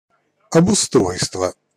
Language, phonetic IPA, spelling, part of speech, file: Russian, [ɐbʊˈstrojstvə], обустройство, noun, Ru-обустройство.ogg
- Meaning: 1. provision of the necessary facilities/amenities 2. development